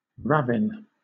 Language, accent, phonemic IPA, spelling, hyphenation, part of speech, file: English, Southern England, /ˈɹæv(ɪ)n/, ravine, rav‧ine, noun / adjective / verb, LL-Q1860 (eng)-ravine.wav
- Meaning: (noun) Alternative spelling of ravin; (adjective) Obsolete spelling of ravin